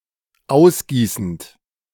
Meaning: present participle of ausgießen
- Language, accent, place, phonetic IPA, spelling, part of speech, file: German, Germany, Berlin, [ˈaʊ̯sˌɡiːsn̩t], ausgießend, verb, De-ausgießend.ogg